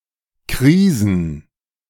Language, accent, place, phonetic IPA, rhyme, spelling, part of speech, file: German, Germany, Berlin, [ˈkʁiːzn̩], -iːzn̩, Krisen, noun, De-Krisen.ogg
- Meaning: 1. plural of Krise 2. plural of Krisis